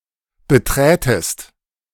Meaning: second-person singular subjunctive II of betreten
- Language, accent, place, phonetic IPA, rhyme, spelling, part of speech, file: German, Germany, Berlin, [bəˈtʁɛːtəst], -ɛːtəst, beträtest, verb, De-beträtest.ogg